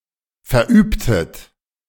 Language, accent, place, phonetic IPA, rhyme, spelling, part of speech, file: German, Germany, Berlin, [fɛɐ̯ˈʔyːptət], -yːptət, verübtet, verb, De-verübtet.ogg
- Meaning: inflection of verüben: 1. second-person plural preterite 2. second-person plural subjunctive II